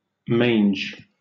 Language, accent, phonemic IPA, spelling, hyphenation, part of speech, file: English, Southern England, /ˈmeɪ̯nd͡ʒ/, mange, mange, noun, LL-Q1860 (eng)-mange.wav
- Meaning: A skin disease of nonhuman mammals caused by parasitic mites (Sarcoptes spp., Demodecidae spp.)